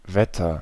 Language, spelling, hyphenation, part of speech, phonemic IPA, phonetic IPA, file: German, Wetter, Wet‧ter, noun / proper noun, /ˈvɛtər/, [ˈvɛ.tʰɐ], De-Wetter.ogg
- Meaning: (noun) 1. weather 2. storm, rainstorm; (proper noun) 1. a town in Hesse, Germany 2. a town in Ruhr district, Germany